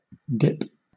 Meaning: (noun) 1. A lower section of a road or geological feature 2. Inclination downward; direction below a horizontal line; slope; pitch 3. The action of dipping or plunging for a moment into a liquid
- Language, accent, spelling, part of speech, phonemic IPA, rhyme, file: English, Southern England, dip, noun / verb, /dɪp/, -ɪp, LL-Q1860 (eng)-dip.wav